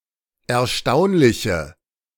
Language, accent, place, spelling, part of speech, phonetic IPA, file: German, Germany, Berlin, erstaunliche, adjective, [ɛɐ̯ˈʃtaʊ̯nlɪçə], De-erstaunliche.ogg
- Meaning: inflection of erstaunlich: 1. strong/mixed nominative/accusative feminine singular 2. strong nominative/accusative plural 3. weak nominative all-gender singular